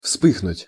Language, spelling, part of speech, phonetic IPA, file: Russian, вспыхнуть, verb, [ˈfspɨxnʊtʲ], Ru-вспыхнуть.ogg
- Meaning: 1. to flash (to briefly illuminate a scene) 2. to blaze up, to break out (of fire), to flare up 3. to blush, to flush